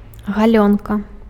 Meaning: shin
- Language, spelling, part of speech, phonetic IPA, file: Belarusian, галёнка, noun, [ɣaˈlʲonka], Be-галёнка.ogg